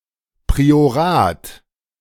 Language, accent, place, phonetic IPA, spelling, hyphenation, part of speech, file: German, Germany, Berlin, [pʁioˈʁaːt], Priorat, Pri‧o‧rat, noun, De-Priorat.ogg
- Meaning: priory